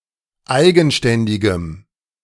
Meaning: strong dative masculine/neuter singular of eigenständig
- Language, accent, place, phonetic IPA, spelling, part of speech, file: German, Germany, Berlin, [ˈaɪ̯ɡn̩ˌʃtɛndɪɡəm], eigenständigem, adjective, De-eigenständigem.ogg